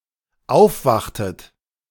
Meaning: inflection of aufwachen: 1. second-person plural dependent preterite 2. second-person plural dependent subjunctive II
- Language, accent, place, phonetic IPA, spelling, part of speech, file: German, Germany, Berlin, [ˈaʊ̯fˌvaxtət], aufwachtet, verb, De-aufwachtet.ogg